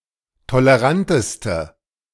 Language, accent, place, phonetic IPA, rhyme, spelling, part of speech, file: German, Germany, Berlin, [toləˈʁantəstə], -antəstə, toleranteste, adjective, De-toleranteste.ogg
- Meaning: inflection of tolerant: 1. strong/mixed nominative/accusative feminine singular superlative degree 2. strong nominative/accusative plural superlative degree